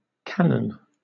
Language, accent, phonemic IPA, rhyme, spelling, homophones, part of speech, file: English, Southern England, /ˈkæn.ən/, -ænən, canon, cannon, noun, LL-Q1860 (eng)-canon.wav
- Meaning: 1. A generally accepted principle; a rule 2. A generally accepted principle; a rule.: A formally codified set of criteria deemed mandatory for a particular artistic style of figurative art